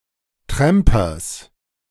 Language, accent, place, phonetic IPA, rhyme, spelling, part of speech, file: German, Germany, Berlin, [ˈtʁɛmpɐs], -ɛmpɐs, Trampers, noun, De-Trampers.ogg
- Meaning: genitive singular of Tramper